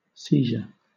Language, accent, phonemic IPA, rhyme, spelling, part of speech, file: English, Southern England, /ˈsiː.ʒə(ɹ)/, -iːʒə(ɹ), seizure, noun / verb, LL-Q1860 (eng)-seizure.wav
- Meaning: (noun) senses related to possession: 1. The act of taking possession, as by force or right of law 2. The state of being seized or of having been taken